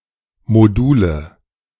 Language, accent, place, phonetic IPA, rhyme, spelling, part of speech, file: German, Germany, Berlin, [moˈduːlə], -uːlə, Module, noun, De-Module2.ogg
- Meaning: nominative genitive accusative plural of Modul